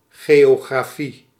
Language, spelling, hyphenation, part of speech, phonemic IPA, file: Dutch, geografie, geo‧gra‧fie, noun, /ˌɣeː.oː.ɣraːˈfi/, Nl-geografie.ogg
- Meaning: geography (study of physical structure and inhabitants of the Earth)